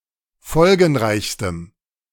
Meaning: strong dative masculine/neuter singular superlative degree of folgenreich
- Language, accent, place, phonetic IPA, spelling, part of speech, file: German, Germany, Berlin, [ˈfɔlɡn̩ˌʁaɪ̯çstəm], folgenreichstem, adjective, De-folgenreichstem.ogg